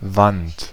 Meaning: 1. wall, partition 2. vertical face of a precipice, any large vertical surface
- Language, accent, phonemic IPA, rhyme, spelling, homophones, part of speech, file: German, Germany, /vant/, -ant, Wand, Want, noun, De-Wand.ogg